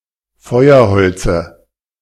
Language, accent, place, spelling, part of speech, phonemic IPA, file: German, Germany, Berlin, Feuerholze, noun, /ˈfɔɪ̯ɐˌhɔlt͡sə/, De-Feuerholze.ogg
- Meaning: dative singular of Feuerholz